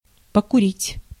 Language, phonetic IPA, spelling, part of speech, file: Russian, [pəkʊˈrʲitʲ], покурить, verb, Ru-покурить.ogg
- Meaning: to smoke, to have a smoke (tobacco)